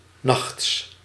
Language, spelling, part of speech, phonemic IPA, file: Dutch, nachts, noun, /nɑxts/, Nl-nachts.ogg
- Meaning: genitive singular of nacht